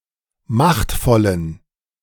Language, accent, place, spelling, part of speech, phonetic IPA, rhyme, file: German, Germany, Berlin, machtvollen, adjective, [ˈmaxtfɔlən], -axtfɔlən, De-machtvollen.ogg
- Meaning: inflection of machtvoll: 1. strong genitive masculine/neuter singular 2. weak/mixed genitive/dative all-gender singular 3. strong/weak/mixed accusative masculine singular 4. strong dative plural